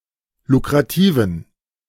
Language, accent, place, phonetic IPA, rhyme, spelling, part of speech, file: German, Germany, Berlin, [lukʁaˈtiːvn̩], -iːvn̩, lukrativen, adjective, De-lukrativen.ogg
- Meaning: inflection of lukrativ: 1. strong genitive masculine/neuter singular 2. weak/mixed genitive/dative all-gender singular 3. strong/weak/mixed accusative masculine singular 4. strong dative plural